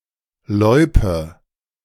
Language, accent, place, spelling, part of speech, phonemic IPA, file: German, Germany, Berlin, Loipe, noun, /ˈlɔʏ̯pə/, De-Loipe.ogg
- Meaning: loipe (cross-country skiing trail)